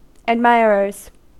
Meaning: plural of admirer
- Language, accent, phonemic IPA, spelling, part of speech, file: English, US, /ædˈmaɪ.ɚ.ɚz/, admirers, noun, En-us-admirers.ogg